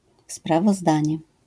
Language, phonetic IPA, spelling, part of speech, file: Polish, [ˌspravɔˈzdãɲɛ], sprawozdanie, noun, LL-Q809 (pol)-sprawozdanie.wav